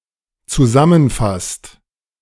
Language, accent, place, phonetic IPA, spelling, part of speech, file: German, Germany, Berlin, [t͡suˈzamənˌfast], zusammenfasst, verb, De-zusammenfasst.ogg
- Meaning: inflection of zusammenfassen: 1. second/third-person singular dependent present 2. second-person plural dependent present